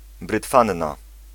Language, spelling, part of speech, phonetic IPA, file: Polish, brytfanna, noun, [brɨtˈfãnːa], Pl-brytfanna.ogg